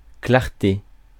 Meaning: 1. light, illumination 2. clarity
- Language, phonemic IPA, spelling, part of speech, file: French, /klaʁ.te/, clarté, noun, Fr-clarté.ogg